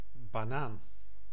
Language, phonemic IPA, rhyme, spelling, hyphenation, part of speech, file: Dutch, /baːˈnaːn/, -aːn, banaan, ba‧naan, noun, Nl-banaan.ogg
- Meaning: 1. banana 2. plantain 3. black person, person of African heritage